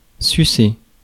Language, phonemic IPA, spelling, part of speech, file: French, /sy.se/, sucer, verb, Fr-sucer.ogg
- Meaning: 1. to suck 2. to give head, to suck off